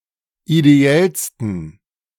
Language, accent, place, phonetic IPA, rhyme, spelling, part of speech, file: German, Germany, Berlin, [ideˈɛlstn̩], -ɛlstn̩, ideellsten, adjective, De-ideellsten.ogg
- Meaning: 1. superlative degree of ideell 2. inflection of ideell: strong genitive masculine/neuter singular superlative degree